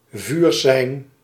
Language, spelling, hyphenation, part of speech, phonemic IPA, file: Dutch, vuursein, vuur‧sein, noun, /ˈvyːr.sɛi̯n/, Nl-vuursein.ogg
- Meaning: 1. a fire signal, especially as a signalling light for navigation 2. a signal to open fire with ranged weapons